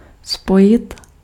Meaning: 1. to unite 2. to join
- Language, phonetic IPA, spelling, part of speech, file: Czech, [ˈspojɪt], spojit, verb, Cs-spojit.ogg